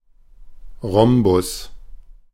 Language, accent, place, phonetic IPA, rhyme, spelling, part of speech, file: German, Germany, Berlin, [ˈʁɔmbʊs], -ɔmbʊs, Rhombus, noun, De-Rhombus.ogg
- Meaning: rhombus, rhomb